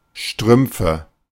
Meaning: nominative/accusative/genitive plural of Strumpf
- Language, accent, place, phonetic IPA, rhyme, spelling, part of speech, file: German, Germany, Berlin, [ˈʃtʁʏmp͡fə], -ʏmp͡fə, Strümpfe, noun, De-Strümpfe.ogg